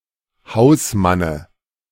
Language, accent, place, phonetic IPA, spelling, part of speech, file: German, Germany, Berlin, [ˈhaʊ̯sˌmanə], Hausmanne, noun, De-Hausmanne.ogg
- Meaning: dative singular of Hausmann